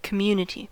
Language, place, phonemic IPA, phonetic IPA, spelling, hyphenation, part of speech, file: English, California, /k(ə)ˈmju.nə.ti/, [k(ə)ˈmju.nə.ɾi], community, com‧mun‧i‧ty, noun, En-us-community.ogg
- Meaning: 1. A group sharing common characteristics, such as the same language, law, religion, or tradition 2. A residential or religious collective; a commune